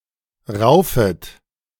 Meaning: second-person plural subjunctive I of raufen
- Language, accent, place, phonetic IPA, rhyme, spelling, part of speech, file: German, Germany, Berlin, [ˈʁaʊ̯fət], -aʊ̯fət, raufet, verb, De-raufet.ogg